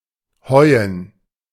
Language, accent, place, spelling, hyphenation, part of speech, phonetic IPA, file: German, Germany, Berlin, heuen, heu‧en, verb, [ˈhɔɪ̯ən], De-heuen.ogg
- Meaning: to make hay